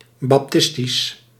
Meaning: Baptist
- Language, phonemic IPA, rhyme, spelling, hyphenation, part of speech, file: Dutch, /ˌbɑpˈtɪs.tis/, -ɪstis, baptistisch, bap‧tis‧tisch, adjective, Nl-baptistisch.ogg